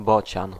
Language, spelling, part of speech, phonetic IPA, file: Polish, bocian, noun, [ˈbɔt͡ɕãn], Pl-bocian.ogg